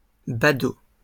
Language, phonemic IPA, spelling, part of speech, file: French, /ba.do/, badaud, noun, LL-Q150 (fra)-badaud.wav
- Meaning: onlooker, bystander, rubbernecker